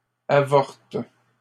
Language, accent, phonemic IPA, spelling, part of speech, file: French, Canada, /a.vɔʁt/, avortes, verb, LL-Q150 (fra)-avortes.wav
- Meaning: second-person singular present indicative/subjunctive of avorter